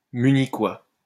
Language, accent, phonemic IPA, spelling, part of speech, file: French, France, /my.ni.kwa/, Munichois, noun, LL-Q150 (fra)-Munichois.wav
- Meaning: native or inhabitant of the city of Munich, capital of Bavaria, Germany (usually male)